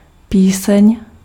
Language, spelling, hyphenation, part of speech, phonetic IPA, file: Czech, píseň, pí‧seň, noun, [ˈpiːsɛɲ], Cs-píseň.ogg
- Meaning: song